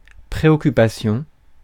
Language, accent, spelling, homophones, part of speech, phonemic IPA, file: French, France, préoccupation, préoccupations, noun, /pʁe.ɔ.ky.pa.sjɔ̃/, Fr-préoccupation.ogg
- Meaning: 1. worry 2. cares, concern